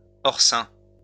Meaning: incomer, outsider
- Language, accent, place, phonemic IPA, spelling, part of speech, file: French, France, Lyon, /ɔʁ.sɛ̃/, horsain, noun, LL-Q150 (fra)-horsain.wav